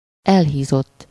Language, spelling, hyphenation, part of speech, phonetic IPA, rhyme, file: Hungarian, elhízott, el‧hí‧zott, verb / adjective, [ˈɛlɦiːzotː], -otː, Hu-elhízott.ogg
- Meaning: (verb) 1. third-person singular indicative past indefinite of elhízik 2. past participle of elhízik; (adjective) obese (extremely overweight)